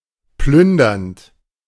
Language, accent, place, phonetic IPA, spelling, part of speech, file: German, Germany, Berlin, [ˈplʏndɐnt], plündernd, verb, De-plündernd.ogg
- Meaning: present participle of plündern